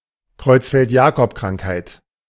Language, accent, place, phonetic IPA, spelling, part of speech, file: German, Germany, Berlin, [ˌkʁɔɪ̯t͡sfɛltˈjaːkɔpˌkʁaŋkhaɪ̯t], Creutzfeldt-Jakob-Krankheit, noun, De-Creutzfeldt-Jakob-Krankheit.ogg
- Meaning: Creutzfeldt-Jakob disease